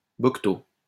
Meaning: copse
- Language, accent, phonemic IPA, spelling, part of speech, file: French, France, /bɔk.to/, boqueteau, noun, LL-Q150 (fra)-boqueteau.wav